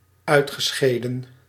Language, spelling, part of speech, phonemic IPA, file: Dutch, uitgescheden, verb, /ˈœy̯txəˌsxeːdə(n)/, Nl-uitgescheden.ogg
- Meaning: past participle of uitscheiden